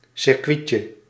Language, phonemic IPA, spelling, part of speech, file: Dutch, /sɪrˈkʋitjjə/, circuitje, noun, Nl-circuitje.ogg
- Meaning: diminutive of circuit